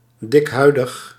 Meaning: thick-skinned
- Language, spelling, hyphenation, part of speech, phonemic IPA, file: Dutch, dikhuidig, dik‧hui‧dig, adjective, /ˌdɪkˈɦœy̯.dəx/, Nl-dikhuidig.ogg